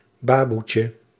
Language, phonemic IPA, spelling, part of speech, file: Dutch, /ˈbaːbutjə/, baboetje, noun, Nl-baboetje.ogg
- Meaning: diminutive of baboe